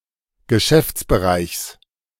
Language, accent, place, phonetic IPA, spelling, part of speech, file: German, Germany, Berlin, [ɡəˈʃɛft͡sbəˌʁaɪ̯çs], Geschäftsbereichs, noun, De-Geschäftsbereichs.ogg
- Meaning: genitive singular of Geschäftsbereich